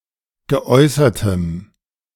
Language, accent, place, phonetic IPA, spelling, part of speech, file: German, Germany, Berlin, [ɡəˈʔɔɪ̯sɐtəm], geäußertem, adjective, De-geäußertem.ogg
- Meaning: strong dative masculine/neuter singular of geäußert